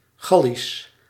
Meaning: 1. nauseous 2. angry, irritated 3. hot, sensuous, horny
- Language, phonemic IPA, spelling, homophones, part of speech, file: Dutch, /ˈɣɑ.lis/, gallisch, Gallisch, adjective, Nl-gallisch.ogg